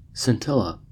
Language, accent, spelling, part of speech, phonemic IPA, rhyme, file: English, US, scintilla, noun, /sɪnˈtɪlə/, -ɪlə, En-us-scintilla.ogg
- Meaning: 1. A small spark or flash 2. A small or trace amount